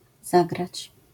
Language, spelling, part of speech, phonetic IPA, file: Polish, zagrać, verb, [ˈzaɡrat͡ɕ], LL-Q809 (pol)-zagrać.wav